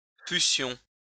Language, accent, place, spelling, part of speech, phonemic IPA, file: French, France, Lyon, fussions, verb, /fy.sjɔ̃/, LL-Q150 (fra)-fussions.wav
- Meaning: first-person plural imperfect subjunctive of être